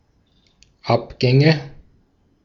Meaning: nominative/accusative/genitive plural of Abgang
- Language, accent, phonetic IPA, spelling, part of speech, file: German, Austria, [ˈapˌɡɛŋə], Abgänge, noun, De-at-Abgänge.ogg